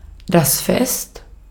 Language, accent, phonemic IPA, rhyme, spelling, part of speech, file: German, Austria, /fɛst/, -ɛst, Fest, noun, De-at-Fest.ogg
- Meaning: feast, celebration, festival, party